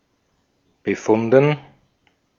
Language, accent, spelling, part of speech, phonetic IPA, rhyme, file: German, Austria, befunden, verb, [bəˈfʊndn̩], -ʊndn̩, De-at-befunden.ogg
- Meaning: past participle of befinden